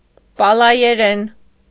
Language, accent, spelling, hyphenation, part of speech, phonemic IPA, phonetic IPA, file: Armenian, Eastern Armenian, պալայերեն, պա‧լա‧յե‧րեն, noun, /pɑlɑjeˈɾen/, [pɑlɑjeɾén], Hy-պալայերեն.ogg
- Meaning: Palaic (language)